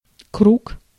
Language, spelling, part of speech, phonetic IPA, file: Russian, круг, noun, [kruk], Ru-круг.ogg
- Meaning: 1. circle, ring 2. sphere, range 3. orbit 4. average 5. slice 6. lap